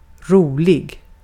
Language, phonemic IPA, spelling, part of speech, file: Swedish, /²ruːlɪɡ/, rolig, adjective, Sv-rolig.ogg
- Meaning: 1. funny (amusing; comical), fun 2. calm, quiet, peaceful